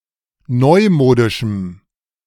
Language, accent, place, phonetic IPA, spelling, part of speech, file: German, Germany, Berlin, [ˈnɔɪ̯ˌmoːdɪʃm̩], neumodischem, adjective, De-neumodischem.ogg
- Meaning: strong dative masculine/neuter singular of neumodisch